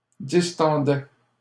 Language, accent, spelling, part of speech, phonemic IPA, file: French, Canada, distendait, verb, /dis.tɑ̃.dɛ/, LL-Q150 (fra)-distendait.wav
- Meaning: third-person singular imperfect indicative of distendre